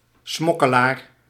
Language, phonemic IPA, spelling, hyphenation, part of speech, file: Dutch, /ˈsmɔ.kəˌlaːr/, smokkelaar, smok‧ke‧laar, noun, Nl-smokkelaar.ogg
- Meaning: smuggler